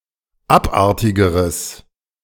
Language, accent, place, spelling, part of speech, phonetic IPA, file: German, Germany, Berlin, abartigeres, adjective, [ˈapˌʔaʁtɪɡəʁəs], De-abartigeres.ogg
- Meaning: strong/mixed nominative/accusative neuter singular comparative degree of abartig